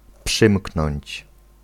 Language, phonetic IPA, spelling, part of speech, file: Polish, [ˈpʃɨ̃mknɔ̃ɲt͡ɕ], przymknąć, verb, Pl-przymknąć.ogg